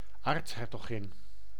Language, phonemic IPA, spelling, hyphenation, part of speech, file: Dutch, /ˈaːrts.ɦɛr.toːˌɣɪn/, aartshertogin, aarts‧her‧to‧gin, noun, Nl-aartshertogin.ogg
- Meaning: archduchess, wife of an archduke or daughter or granddaughter of the Emperor of Austria(-Hungary)